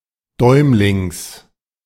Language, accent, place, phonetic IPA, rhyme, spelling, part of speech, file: German, Germany, Berlin, [ˈdɔɪ̯mlɪŋs], -ɔɪ̯mlɪŋs, Däumlings, noun, De-Däumlings.ogg
- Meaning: genitive singular of Däumling